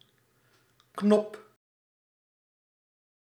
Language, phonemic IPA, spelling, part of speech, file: Dutch, /knɔp/, knop, noun, Nl-knop.ogg
- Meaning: 1. a knob, roundish handle, ornament etc 2. a button, control device to push etc.; metonymy: control, power to stop 3. a bud of a plant